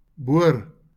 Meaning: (noun) 1. drill 2. boron; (verb) to drill
- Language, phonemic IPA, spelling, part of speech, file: Afrikaans, /bʊər/, boor, noun / verb, LL-Q14196 (afr)-boor.wav